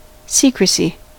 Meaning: 1. Concealment; the condition of being secret or hidden 2. The habit of keeping secrets
- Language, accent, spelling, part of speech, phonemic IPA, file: English, US, secrecy, noun, /ˈsiːkɹəsi/, En-us-secrecy.ogg